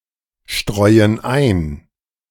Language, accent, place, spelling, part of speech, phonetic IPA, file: German, Germany, Berlin, streuen ein, verb, [ˌʃtʁɔɪ̯ən ˈaɪ̯n], De-streuen ein.ogg
- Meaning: inflection of einstreuen: 1. first/third-person plural present 2. first/third-person plural subjunctive I